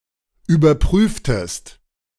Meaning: inflection of überprüfen: 1. second-person singular preterite 2. second-person singular subjunctive II
- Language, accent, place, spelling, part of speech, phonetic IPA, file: German, Germany, Berlin, überprüftest, verb, [yːbɐˈpʁyːftəst], De-überprüftest.ogg